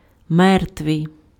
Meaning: dead (also figuratively)
- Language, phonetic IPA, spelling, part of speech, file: Ukrainian, [ˈmɛrtʋei̯], мертвий, adjective, Uk-мертвий.ogg